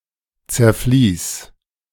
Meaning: singular imperative of zerfließen
- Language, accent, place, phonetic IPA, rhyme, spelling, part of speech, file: German, Germany, Berlin, [t͡sɛɐ̯ˈfliːs], -iːs, zerfließ, verb, De-zerfließ.ogg